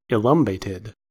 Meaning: weak or lame in the loins
- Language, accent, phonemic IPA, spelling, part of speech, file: English, US, /ɪˈlʌmbeɪtɪd/, elumbated, adjective, En-us-elumbated.ogg